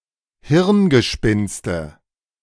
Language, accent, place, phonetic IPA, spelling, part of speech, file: German, Germany, Berlin, [ˈhɪʁnɡəˌʃpɪnstə], Hirngespinste, noun, De-Hirngespinste.ogg
- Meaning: nominative/accusative/genitive plural of Hirngespinst